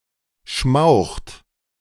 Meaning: inflection of schmauchen: 1. third-person singular present 2. second-person plural present 3. plural imperative
- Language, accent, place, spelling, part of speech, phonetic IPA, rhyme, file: German, Germany, Berlin, schmaucht, verb, [ʃmaʊ̯xt], -aʊ̯xt, De-schmaucht.ogg